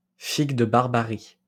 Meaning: prickly pear, the edible fruit of Opuntia ficus-indica
- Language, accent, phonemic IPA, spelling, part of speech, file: French, France, /fiɡ də baʁ.ba.ʁi/, figue de Barbarie, noun, LL-Q150 (fra)-figue de Barbarie.wav